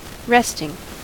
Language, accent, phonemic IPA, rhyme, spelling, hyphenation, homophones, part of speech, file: English, US, /ˈɹɛstɪŋ/, -ɛstɪŋ, resting, rest‧ing, wresting, noun / adjective / verb, En-us-resting.ogg
- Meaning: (noun) 1. The action of rest 2. A place where one can rest; a resting place 3. A pause; a break; an interlude; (adjective) That rests; that is not in action or in the process of growth